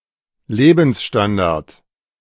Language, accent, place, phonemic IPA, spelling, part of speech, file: German, Germany, Berlin, /ˈleːbn̩sˌstandaʁt/, Lebensstandard, noun, De-Lebensstandard.ogg
- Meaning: standard of living